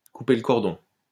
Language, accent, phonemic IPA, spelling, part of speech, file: French, France, /ku.pe l(ə) kɔʁ.dɔ̃/, couper le cordon, verb, LL-Q150 (fra)-couper le cordon.wav
- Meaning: to cut the cord, to cut the umbilical cord, to cut the apron strings